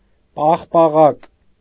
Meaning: ice cream
- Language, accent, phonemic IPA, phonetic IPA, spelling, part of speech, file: Armenian, Eastern Armenian, /pɑχpɑˈʁɑk/, [pɑχpɑʁɑ́k], պաղպաղակ, noun, Hy-պաղպաղակ.ogg